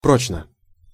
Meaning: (adverb) durably, enduringly; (adjective) short neuter singular of про́чный (próčnyj)
- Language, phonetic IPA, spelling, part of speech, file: Russian, [ˈprot͡ɕnə], прочно, adverb / adjective, Ru-прочно.ogg